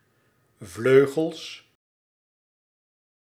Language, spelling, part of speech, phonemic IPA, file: Dutch, vleugels, noun, /ˈvløɣəls/, Nl-vleugels.ogg
- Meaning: plural of vleugel